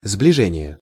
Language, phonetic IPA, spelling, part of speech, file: Russian, [zblʲɪˈʐɛnʲɪje], сближение, noun, Ru-сближение.ogg
- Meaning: convergence